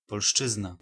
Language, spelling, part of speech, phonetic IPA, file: Polish, polszczyzna, noun, [pɔlˈʃt͡ʃɨzna], Pl-polszczyzna.ogg